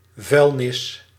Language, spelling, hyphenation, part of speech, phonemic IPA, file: Dutch, vuilnis, vuil‧nis, noun, /ˈvœy̯l.nɪs/, Nl-vuilnis.ogg
- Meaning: rubbish, trash, garbage; (especially) waste products (to be) disposed off